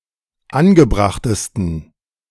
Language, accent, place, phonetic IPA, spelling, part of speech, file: German, Germany, Berlin, [ˈanɡəˌbʁaxtəstn̩], angebrachtesten, adjective, De-angebrachtesten.ogg
- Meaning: 1. superlative degree of angebracht 2. inflection of angebracht: strong genitive masculine/neuter singular superlative degree